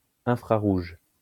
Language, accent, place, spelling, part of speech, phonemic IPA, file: French, France, Lyon, infrarouge, adjective / noun, /ɛ̃.fʁa.ʁuʒ/, LL-Q150 (fra)-infrarouge.wav
- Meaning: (adjective) infrared